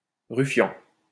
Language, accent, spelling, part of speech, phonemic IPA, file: French, France, ruffian, noun, /ʁy.fjɑ̃/, LL-Q150 (fra)-ruffian.wav
- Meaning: alternative spelling of rufian